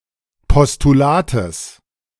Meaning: genitive singular of Postulat
- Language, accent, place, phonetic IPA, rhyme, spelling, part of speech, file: German, Germany, Berlin, [pɔstuˈlaːtəs], -aːtəs, Postulates, noun, De-Postulates.ogg